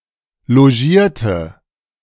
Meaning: inflection of logieren: 1. first/third-person singular preterite 2. first/third-person singular subjunctive II
- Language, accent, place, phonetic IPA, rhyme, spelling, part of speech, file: German, Germany, Berlin, [loˈʒiːɐ̯tə], -iːɐ̯tə, logierte, adjective / verb, De-logierte.ogg